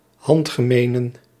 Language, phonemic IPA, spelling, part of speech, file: Dutch, /ˈhɑntɣəˌmenə(n)/, handgemenen, adjective, Nl-handgemenen.ogg
- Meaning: plural of handgemeen